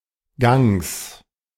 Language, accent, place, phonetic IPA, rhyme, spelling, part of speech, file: German, Germany, Berlin, [ɡaŋs], -aŋs, Gangs, noun, De-Gangs.ogg
- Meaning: genitive singular of Gang